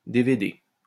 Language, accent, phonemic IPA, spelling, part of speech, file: French, France, /de.ve.de/, DVD, noun, LL-Q150 (fra)-DVD.wav
- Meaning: 1. DVD (optical disc) 2. abbreviation of divers droite